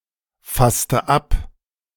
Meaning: inflection of abfassen: 1. first/third-person singular preterite 2. first/third-person singular subjunctive II
- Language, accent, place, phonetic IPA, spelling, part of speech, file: German, Germany, Berlin, [ˌfastə ˈap], fasste ab, verb, De-fasste ab.ogg